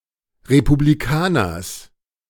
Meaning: genitive singular of Republikaner
- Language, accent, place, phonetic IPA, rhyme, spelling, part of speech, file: German, Germany, Berlin, [ʁepubliˈkaːnɐs], -aːnɐs, Republikaners, noun, De-Republikaners.ogg